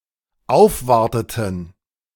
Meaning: inflection of aufwarten: 1. first/third-person plural dependent preterite 2. first/third-person plural dependent subjunctive II
- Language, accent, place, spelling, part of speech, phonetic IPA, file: German, Germany, Berlin, aufwarteten, verb, [ˈaʊ̯fˌvaʁtətn̩], De-aufwarteten.ogg